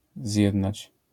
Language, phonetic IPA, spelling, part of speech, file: Polish, [ˈzʲjɛdnat͡ɕ], zjednać, verb, LL-Q809 (pol)-zjednać.wav